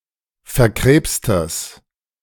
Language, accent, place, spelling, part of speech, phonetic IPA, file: German, Germany, Berlin, verkrebstes, adjective, [fɛɐ̯ˈkʁeːpstəs], De-verkrebstes.ogg
- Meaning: strong/mixed nominative/accusative neuter singular of verkrebst